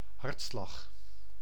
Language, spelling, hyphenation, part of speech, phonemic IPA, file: Dutch, hartslag, hart‧slag, noun, /ˈɦɑrt.slɑx/, Nl-hartslag.ogg
- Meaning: 1. a heartbeat 2. the heart rate, the rhythm of a beating heart 3. a moving force, 'engine'